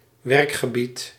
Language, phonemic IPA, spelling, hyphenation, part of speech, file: Dutch, /ˈʋɛrk.xəˌbit/, werkgebied, werk‧ge‧bied, noun, Nl-werkgebied.ogg
- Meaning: working area, area of operation